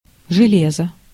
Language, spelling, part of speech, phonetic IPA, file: Russian, железо, noun, [ʐɨˈlʲezə], Ru-железо.ogg
- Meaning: 1. iron 2. any iron-like metal 3. hardware